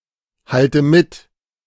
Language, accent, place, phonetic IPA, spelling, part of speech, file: German, Germany, Berlin, [ˌhaltə ˈmɪt], halte mit, verb, De-halte mit.ogg
- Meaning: inflection of mithalten: 1. first-person singular present 2. first/third-person singular subjunctive I 3. singular imperative